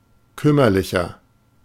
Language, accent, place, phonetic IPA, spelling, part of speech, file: German, Germany, Berlin, [ˈkʏmɐlɪçɐ], kümmerlicher, adjective, De-kümmerlicher.ogg
- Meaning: 1. comparative degree of kümmerlich 2. inflection of kümmerlich: strong/mixed nominative masculine singular 3. inflection of kümmerlich: strong genitive/dative feminine singular